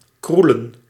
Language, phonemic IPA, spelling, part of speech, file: Dutch, /ˈkru.lə(n)/, kroelen, verb, Nl-kroelen.ogg
- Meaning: to cuddle